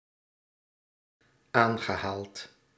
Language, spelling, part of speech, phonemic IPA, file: Dutch, aangehaald, verb / adjective, /ˈaŋɣəˌhalt/, Nl-aangehaald.ogg
- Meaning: past participle of aanhalen